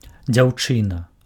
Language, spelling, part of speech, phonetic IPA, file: Belarusian, дзяўчына, noun, [d͡zʲau̯ˈt͡ʂɨna], Be-дзяўчына.ogg
- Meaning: 1. girl, maiden, young unmarried woman (an adult female human) 2. girlfriend (a female partner in an unmarried romantic relationship)